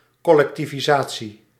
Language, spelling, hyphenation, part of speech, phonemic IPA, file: Dutch, collectivisatie, col‧lec‧ti‧vi‧sa‧tie, noun, /ˌkɔlɛktiviˈzaː.(t)si/, Nl-collectivisatie.ogg
- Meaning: collectivization